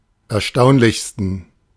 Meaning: 1. superlative degree of erstaunlich 2. inflection of erstaunlich: strong genitive masculine/neuter singular superlative degree
- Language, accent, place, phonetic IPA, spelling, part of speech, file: German, Germany, Berlin, [ɛɐ̯ˈʃtaʊ̯nlɪçstn̩], erstaunlichsten, adjective, De-erstaunlichsten.ogg